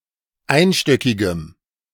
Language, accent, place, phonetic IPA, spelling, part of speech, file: German, Germany, Berlin, [ˈaɪ̯nˌʃtœkɪɡəm], einstöckigem, adjective, De-einstöckigem.ogg
- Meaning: strong dative masculine/neuter singular of einstöckig